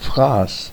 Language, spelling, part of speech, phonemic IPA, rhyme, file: German, Fraß, noun, /fʁaːs/, -aːs, De-Fraß.ogg
- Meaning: 1. the food of an animal, especially its prey 2. grub (human food) 3. consumption, corrosion (something destroyed by a natural force, such as fire or acid) 4. glutton